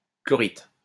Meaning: 1. chlorite (salt of chlorous acid) 2. chlorite
- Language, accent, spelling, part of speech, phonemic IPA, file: French, France, chlorite, noun, /klɔ.ʁit/, LL-Q150 (fra)-chlorite.wav